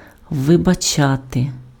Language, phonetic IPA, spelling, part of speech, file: Ukrainian, [ʋebɐˈt͡ʃate], вибачати, verb, Uk-вибачати.ogg
- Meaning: to excuse, to pardon, to forgive